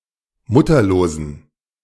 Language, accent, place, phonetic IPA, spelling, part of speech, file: German, Germany, Berlin, [ˈmʊtɐloːzn̩], mutterlosen, adjective, De-mutterlosen.ogg
- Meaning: inflection of mutterlos: 1. strong genitive masculine/neuter singular 2. weak/mixed genitive/dative all-gender singular 3. strong/weak/mixed accusative masculine singular 4. strong dative plural